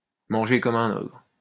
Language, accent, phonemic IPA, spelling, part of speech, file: French, France, /mɑ̃.ʒe kɔ.m‿œ̃.n‿ɔɡʁ/, manger comme un ogre, verb, LL-Q150 (fra)-manger comme un ogre.wav
- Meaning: to eat like a horse